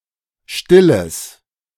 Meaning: strong/mixed nominative/accusative neuter singular of still
- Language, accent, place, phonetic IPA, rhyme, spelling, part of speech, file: German, Germany, Berlin, [ˈʃtɪləs], -ɪləs, stilles, adjective, De-stilles.ogg